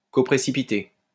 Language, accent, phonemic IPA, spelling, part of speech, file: French, France, /ko.pʁe.si.pi.te/, coprécipiter, verb, LL-Q150 (fra)-coprécipiter.wav
- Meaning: to coprecipitate